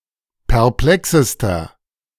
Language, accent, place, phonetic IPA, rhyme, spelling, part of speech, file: German, Germany, Berlin, [pɛʁˈplɛksəstɐ], -ɛksəstɐ, perplexester, adjective, De-perplexester.ogg
- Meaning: inflection of perplex: 1. strong/mixed nominative masculine singular superlative degree 2. strong genitive/dative feminine singular superlative degree 3. strong genitive plural superlative degree